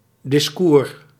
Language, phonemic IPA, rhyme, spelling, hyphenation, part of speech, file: Dutch, /dɪsˈkuːr/, -uːr, discours, dis‧cours, noun, Nl-discours.ogg
- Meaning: 1. discourse (way of thinking involving certain concepts and terms) 2. discourse (exposition of some length)